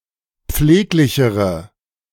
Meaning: inflection of pfleglich: 1. strong/mixed nominative/accusative feminine singular comparative degree 2. strong nominative/accusative plural comparative degree
- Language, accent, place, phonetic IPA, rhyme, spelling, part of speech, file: German, Germany, Berlin, [ˈp͡fleːklɪçəʁə], -eːklɪçəʁə, pfleglichere, adjective, De-pfleglichere.ogg